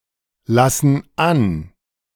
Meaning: inflection of anlassen: 1. first/third-person plural present 2. first/third-person plural subjunctive I
- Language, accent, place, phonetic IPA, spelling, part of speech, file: German, Germany, Berlin, [ˌlasn̩ ˈan], lassen an, verb, De-lassen an.ogg